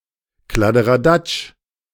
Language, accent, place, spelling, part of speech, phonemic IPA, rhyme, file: German, Germany, Berlin, Kladderadatsch, noun, /kladəʁaˈdat͡ʃ/, -at͡ʃ, De-Kladderadatsch.ogg
- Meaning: chaos; junk, stuff